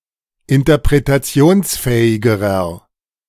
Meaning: inflection of interpretationsfähig: 1. strong/mixed nominative masculine singular comparative degree 2. strong genitive/dative feminine singular comparative degree
- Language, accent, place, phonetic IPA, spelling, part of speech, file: German, Germany, Berlin, [ɪntɐpʁetaˈt͡si̯oːnsˌfɛːɪɡəʁɐ], interpretationsfähigerer, adjective, De-interpretationsfähigerer.ogg